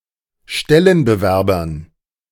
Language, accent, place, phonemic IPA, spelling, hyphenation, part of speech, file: German, Germany, Berlin, /ˈʃtɛlənbəˌvɛʁbɐs/, Stellenbewerbers, Stel‧len‧be‧wer‧bers, noun, De-Stellenbewerbers.ogg
- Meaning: genitive singular of Stellenbewerber